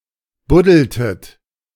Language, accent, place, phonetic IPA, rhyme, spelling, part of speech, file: German, Germany, Berlin, [ˈbʊdl̩tət], -ʊdl̩tət, buddeltet, verb, De-buddeltet.ogg
- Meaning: inflection of buddeln: 1. second-person plural preterite 2. second-person plural subjunctive II